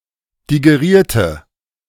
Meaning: inflection of digerieren: 1. first/third-person singular preterite 2. first/third-person singular subjunctive II
- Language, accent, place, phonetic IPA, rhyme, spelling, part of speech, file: German, Germany, Berlin, [diɡeˈʁiːɐ̯tə], -iːɐ̯tə, digerierte, adjective / verb, De-digerierte.ogg